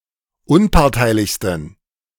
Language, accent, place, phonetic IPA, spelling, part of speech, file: German, Germany, Berlin, [ˈʊnpaʁtaɪ̯lɪçstn̩], unparteilichsten, adjective, De-unparteilichsten.ogg
- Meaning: 1. superlative degree of unparteilich 2. inflection of unparteilich: strong genitive masculine/neuter singular superlative degree